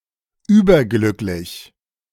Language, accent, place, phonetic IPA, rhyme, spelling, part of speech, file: German, Germany, Berlin, [ˈyːbɐˌɡlʏklɪç], -ʏklɪç, überglücklich, adjective, De-überglücklich.ogg
- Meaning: overjoyed